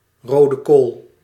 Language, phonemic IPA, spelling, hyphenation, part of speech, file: Dutch, /ˌroː.dəˈkoːl/, rodekool, ro‧de‧kool, noun, Nl-rodekool.ogg
- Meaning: alternative spelling of rode kool